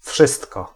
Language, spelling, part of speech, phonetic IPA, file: Polish, wszystko, pronoun, [ˈfʃɨstkɔ], Pl-wszystko.ogg